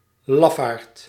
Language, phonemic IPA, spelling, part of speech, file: Dutch, /ˈlɑf.aːrt/, lafaard, noun, Nl-lafaard.ogg
- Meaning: coward, wuss